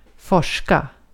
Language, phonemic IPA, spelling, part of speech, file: Swedish, /²fɔʂːka/, forska, verb, Sv-forska.ogg
- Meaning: to research (especially scientifically, but also more generally, by extension)